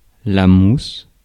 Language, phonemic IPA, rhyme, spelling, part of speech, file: French, /mus/, -us, mousse, adjective / noun / verb, Fr-mousse.ogg
- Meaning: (adjective) blunt; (noun) 1. moss (the plant) 2. bryophyte (in the broad sense) 3. foam 4. mousse (dessert) 5. a boy serving on a ship: a cabin boy